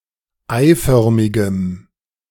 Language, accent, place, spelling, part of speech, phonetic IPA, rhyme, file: German, Germany, Berlin, eiförmigem, adjective, [ˈaɪ̯ˌfœʁmɪɡəm], -aɪ̯fœʁmɪɡəm, De-eiförmigem.ogg
- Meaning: strong dative masculine/neuter singular of eiförmig